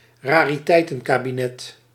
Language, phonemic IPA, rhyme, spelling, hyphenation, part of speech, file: Dutch, /raː.riˈtɛi̯.tə(n).kaː.biˌnɛt/, -ɛt, rariteitenkabinet, ra‧ri‧tei‧ten‧ka‧bi‧net, noun, Nl-rariteitenkabinet.ogg
- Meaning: cabinet of curiosities